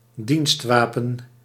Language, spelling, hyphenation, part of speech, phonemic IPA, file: Dutch, dienstwapen, dienst‧wa‧pen, noun, /ˈdinstˌʋaː.pə(n)/, Nl-dienstwapen.ogg
- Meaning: a service weapon